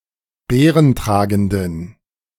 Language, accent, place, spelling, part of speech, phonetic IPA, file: German, Germany, Berlin, beerentragenden, adjective, [ˈbeːʁənˌtʁaːɡn̩dən], De-beerentragenden.ogg
- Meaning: inflection of beerentragend: 1. strong genitive masculine/neuter singular 2. weak/mixed genitive/dative all-gender singular 3. strong/weak/mixed accusative masculine singular 4. strong dative plural